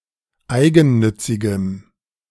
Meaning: strong dative masculine/neuter singular of eigennützig
- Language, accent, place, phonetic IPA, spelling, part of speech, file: German, Germany, Berlin, [ˈaɪ̯ɡn̩ˌnʏt͡sɪɡəm], eigennützigem, adjective, De-eigennützigem.ogg